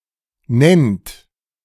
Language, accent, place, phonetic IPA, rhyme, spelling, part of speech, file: German, Germany, Berlin, [nɛnt], -ɛnt, nennt, verb, De-nennt.ogg
- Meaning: inflection of nennen: 1. third-person singular present 2. second-person plural present 3. plural imperative